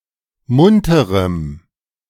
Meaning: strong dative masculine/neuter singular of munter
- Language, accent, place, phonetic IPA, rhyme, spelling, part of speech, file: German, Germany, Berlin, [ˈmʊntəʁəm], -ʊntəʁəm, munterem, adjective, De-munterem.ogg